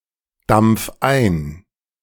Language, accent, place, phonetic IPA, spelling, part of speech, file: German, Germany, Berlin, [ˌdamp͡f ˈaɪ̯n], dampf ein, verb, De-dampf ein.ogg
- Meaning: 1. singular imperative of eindampfen 2. first-person singular present of eindampfen